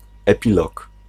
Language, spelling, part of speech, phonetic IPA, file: Polish, epilog, noun, [ɛˈpʲilɔk], Pl-epilog.ogg